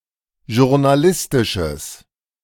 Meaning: strong/mixed nominative/accusative neuter singular of journalistisch
- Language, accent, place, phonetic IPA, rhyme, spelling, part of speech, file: German, Germany, Berlin, [ʒʊʁnaˈlɪstɪʃəs], -ɪstɪʃəs, journalistisches, adjective, De-journalistisches.ogg